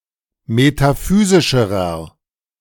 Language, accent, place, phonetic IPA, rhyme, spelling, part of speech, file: German, Germany, Berlin, [metaˈfyːzɪʃəʁɐ], -yːzɪʃəʁɐ, metaphysischerer, adjective, De-metaphysischerer.ogg
- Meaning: inflection of metaphysisch: 1. strong/mixed nominative masculine singular comparative degree 2. strong genitive/dative feminine singular comparative degree 3. strong genitive plural comparative degree